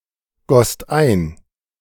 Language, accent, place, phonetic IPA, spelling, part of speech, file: German, Germany, Berlin, [ˌɡɔst ˈaɪ̯n], gosst ein, verb, De-gosst ein.ogg
- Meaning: second-person singular/plural preterite of eingießen